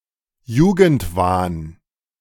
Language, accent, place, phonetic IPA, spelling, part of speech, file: German, Germany, Berlin, [ˈjuːɡn̩tˌvaːn], Jugendwahn, noun, De-Jugendwahn.ogg
- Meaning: obsession with remaining youthful